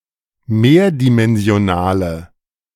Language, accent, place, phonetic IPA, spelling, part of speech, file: German, Germany, Berlin, [ˈmeːɐ̯dimɛnzi̯oˌnaːlə], mehrdimensionale, adjective, De-mehrdimensionale.ogg
- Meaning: inflection of mehrdimensional: 1. strong/mixed nominative/accusative feminine singular 2. strong nominative/accusative plural 3. weak nominative all-gender singular